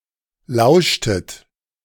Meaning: inflection of lauschen: 1. second-person plural preterite 2. second-person plural subjunctive II
- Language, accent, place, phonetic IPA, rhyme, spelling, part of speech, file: German, Germany, Berlin, [ˈlaʊ̯ʃtət], -aʊ̯ʃtət, lauschtet, verb, De-lauschtet.ogg